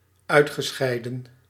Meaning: past participle of uitscheiden
- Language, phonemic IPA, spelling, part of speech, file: Dutch, /ˈœy̯txəˌsxɛi̯də(n)/, uitgescheiden, verb, Nl-uitgescheiden.ogg